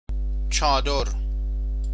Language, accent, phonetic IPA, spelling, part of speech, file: Persian, Iran, [t͡ʃʰɒː.d̪oɹ], چادر, noun, Fa-چادر.ogg
- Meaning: 1. tent 2. chador (a large single piece of cloth worn as a covering over the clothing) 3. scarf, veil 4. awning